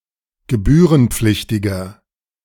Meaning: inflection of gebührenpflichtig: 1. strong/mixed nominative masculine singular 2. strong genitive/dative feminine singular 3. strong genitive plural
- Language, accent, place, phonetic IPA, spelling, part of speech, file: German, Germany, Berlin, [ɡəˈbyːʁənˌp͡flɪçtɪɡɐ], gebührenpflichtiger, adjective, De-gebührenpflichtiger.ogg